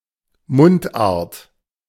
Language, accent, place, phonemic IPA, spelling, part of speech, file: German, Germany, Berlin, /ˈmʊntˌʔaːɐ̯t/, Mundart, noun, De-Mundart.ogg
- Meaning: dialect